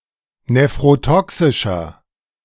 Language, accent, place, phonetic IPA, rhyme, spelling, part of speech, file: German, Germany, Berlin, [nefʁoˈtɔksɪʃɐ], -ɔksɪʃɐ, nephrotoxischer, adjective, De-nephrotoxischer.ogg
- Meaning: inflection of nephrotoxisch: 1. strong/mixed nominative masculine singular 2. strong genitive/dative feminine singular 3. strong genitive plural